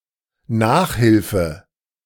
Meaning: 1. extra help, assistance 2. private lessons, coaching, tuition, tutoring
- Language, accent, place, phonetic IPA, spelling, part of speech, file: German, Germany, Berlin, [ˈnaːxˌhɪlfə], Nachhilfe, noun, De-Nachhilfe.ogg